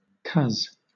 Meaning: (noun) cousin (usually as a term of address); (conjunction) Informal spelling of 'cause (“because”)
- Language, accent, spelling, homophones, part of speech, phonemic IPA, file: English, Southern England, coz, cos, noun / conjunction, /kʌz/, LL-Q1860 (eng)-coz.wav